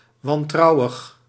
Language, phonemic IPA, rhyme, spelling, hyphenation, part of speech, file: Dutch, /ʋɑnˈtrɑu̯əx/, -ɑu̯əx, wantrouwig, wan‧trou‧wig, adjective, Nl-wantrouwig.ogg
- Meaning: suspicious, distrustful